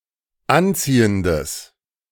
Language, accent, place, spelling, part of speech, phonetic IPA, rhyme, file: German, Germany, Berlin, anziehendes, adjective, [ˈanˌt͡siːəndəs], -ant͡siːəndəs, De-anziehendes.ogg
- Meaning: strong/mixed nominative/accusative neuter singular of anziehend